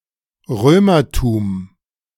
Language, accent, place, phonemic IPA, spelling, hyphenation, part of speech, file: German, Germany, Berlin, /ˈʁøːmɐtuːm/, Römertum, Rö‧mer‧tum, noun, De-Römertum.ogg
- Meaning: the culture, history, religion, and traditions of the Romans